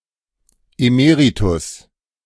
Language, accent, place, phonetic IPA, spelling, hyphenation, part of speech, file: German, Germany, Berlin, [eˈmeːʁitʊs], emeritus, eme‧ri‧tus, adjective, De-emeritus.ogg
- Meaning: emeritus